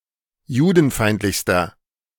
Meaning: inflection of judenfeindlich: 1. strong/mixed nominative masculine singular superlative degree 2. strong genitive/dative feminine singular superlative degree
- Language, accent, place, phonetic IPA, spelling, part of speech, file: German, Germany, Berlin, [ˈjuːdn̩ˌfaɪ̯ntlɪçstɐ], judenfeindlichster, adjective, De-judenfeindlichster.ogg